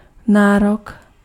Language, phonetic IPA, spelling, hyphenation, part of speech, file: Czech, [ˈnaːrok], nárok, ná‧rok, noun, Cs-nárok.ogg
- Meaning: claim